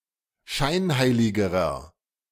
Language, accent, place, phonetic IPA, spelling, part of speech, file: German, Germany, Berlin, [ˈʃaɪ̯nˌhaɪ̯lɪɡəʁɐ], scheinheiligerer, adjective, De-scheinheiligerer.ogg
- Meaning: inflection of scheinheilig: 1. strong/mixed nominative masculine singular comparative degree 2. strong genitive/dative feminine singular comparative degree 3. strong genitive plural comparative degree